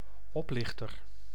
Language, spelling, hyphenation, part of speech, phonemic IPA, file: Dutch, oplichter, op‧lich‧ter, noun, /ˈɔplɪxtər/, Nl-oplichter.ogg
- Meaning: 1. imposter, fraud 2. con-artist